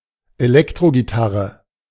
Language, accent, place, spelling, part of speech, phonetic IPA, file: German, Germany, Berlin, Elektrogitarre, noun, [eˈlɛktʁoɡiˌtaʁə], De-Elektrogitarre.ogg
- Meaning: electric guitar (a guitar which requires electronic amplification to produce sufficient sound)